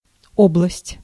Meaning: 1. region, oblast, province 2. dominion, sovereignty 3. domain, sphere, field (area of knowledge)
- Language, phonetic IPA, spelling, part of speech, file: Russian, [ˈobɫəsʲtʲ], область, noun, Ru-область.ogg